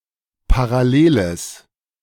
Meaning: strong/mixed nominative/accusative neuter singular of parallel
- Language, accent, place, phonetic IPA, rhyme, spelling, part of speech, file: German, Germany, Berlin, [paʁaˈleːləs], -eːləs, paralleles, adjective, De-paralleles.ogg